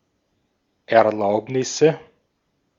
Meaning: nominative/accusative/genitive plural of Erlaubnis
- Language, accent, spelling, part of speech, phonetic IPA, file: German, Austria, Erlaubnisse, noun, [ɛɐ̯ˈlaʊ̯pnɪsə], De-at-Erlaubnisse.ogg